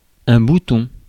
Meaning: 1. button 2. bud 3. pimple, spot, zit
- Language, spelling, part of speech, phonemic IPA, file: French, bouton, noun, /bu.tɔ̃/, Fr-bouton.ogg